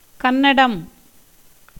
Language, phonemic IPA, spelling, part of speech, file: Tamil, /kɐnːɐɖɐm/, கன்னடம், proper noun / noun, Ta-கன்னடம்.ogg
- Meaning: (proper noun) 1. the Kannada language 2. the Kannada script 3. the Canarese country including Mysore and the West coast between Malabar and Goa, including most of modern day Karnataka